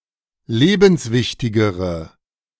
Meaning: inflection of lebenswichtig: 1. strong/mixed nominative/accusative feminine singular comparative degree 2. strong nominative/accusative plural comparative degree
- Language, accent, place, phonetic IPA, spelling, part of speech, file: German, Germany, Berlin, [ˈleːbn̩sˌvɪçtɪɡəʁə], lebenswichtigere, adjective, De-lebenswichtigere.ogg